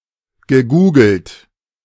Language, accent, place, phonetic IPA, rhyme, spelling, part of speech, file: German, Germany, Berlin, [ɡəˈɡuːɡl̩t], -uːɡl̩t, gegoogelt, verb, De-gegoogelt.ogg
- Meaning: past participle of googeln